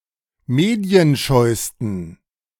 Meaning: 1. superlative degree of medienscheu 2. inflection of medienscheu: strong genitive masculine/neuter singular superlative degree
- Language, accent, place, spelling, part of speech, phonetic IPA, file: German, Germany, Berlin, medienscheusten, adjective, [ˈmeːdi̯ənˌʃɔɪ̯stn̩], De-medienscheusten.ogg